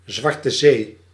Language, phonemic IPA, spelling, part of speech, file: Dutch, /ˌzʋɑr.tə ˈzeː/, Zwarte Zee, proper noun, Nl-Zwarte Zee.ogg
- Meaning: the Black Sea, an inland sea between southeastern Europe, the Caucasus and Asia Minor